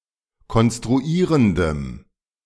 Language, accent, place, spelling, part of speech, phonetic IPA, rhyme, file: German, Germany, Berlin, konstruierendem, adjective, [kɔnstʁuˈiːʁəndəm], -iːʁəndəm, De-konstruierendem.ogg
- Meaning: strong dative masculine/neuter singular of konstruierend